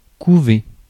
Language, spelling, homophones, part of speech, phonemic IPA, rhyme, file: French, couver, couvé / couvés / couvée / couvées / couvez / couvai, verb, /ku.ve/, -e, Fr-couver.ogg
- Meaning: 1. to brood (an egg) 2. to coddle, pamper, mollycoddle 3. to plot, hatch, scheme